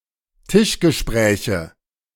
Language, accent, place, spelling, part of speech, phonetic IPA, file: German, Germany, Berlin, Tischgespräche, noun, [ˈtɪʃɡəˌʃpʁɛːçə], De-Tischgespräche.ogg
- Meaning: nominative/accusative/genitive plural of Tischgespräch